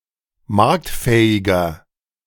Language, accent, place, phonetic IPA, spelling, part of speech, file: German, Germany, Berlin, [ˈmaʁktˌfɛːɪɡɐ], marktfähiger, adjective, De-marktfähiger.ogg
- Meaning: 1. comparative degree of marktfähig 2. inflection of marktfähig: strong/mixed nominative masculine singular 3. inflection of marktfähig: strong genitive/dative feminine singular